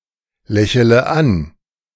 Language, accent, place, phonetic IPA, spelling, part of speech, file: German, Germany, Berlin, [ˌlɛçələ ˈan], lächele an, verb, De-lächele an.ogg
- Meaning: inflection of anlächeln: 1. first-person singular present 2. first-person plural subjunctive I 3. third-person singular subjunctive I 4. singular imperative